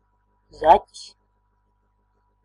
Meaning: 1. hare (esp. Lepus europaeus) 2. stowaway; person who rides (a bus, a train, etc.) without paying the fare
- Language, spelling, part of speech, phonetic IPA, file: Latvian, zaķis, noun, [zacis], Lv-zaķis.ogg